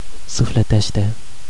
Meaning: spiritually
- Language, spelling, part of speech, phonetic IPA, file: Romanian, sufletește, adverb, [sufleˈteʃte], Ro-sufletește.ogg